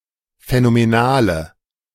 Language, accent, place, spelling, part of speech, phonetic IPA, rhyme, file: German, Germany, Berlin, phänomenale, adjective, [fɛnomeˈnaːlə], -aːlə, De-phänomenale.ogg
- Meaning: inflection of phänomenal: 1. strong/mixed nominative/accusative feminine singular 2. strong nominative/accusative plural 3. weak nominative all-gender singular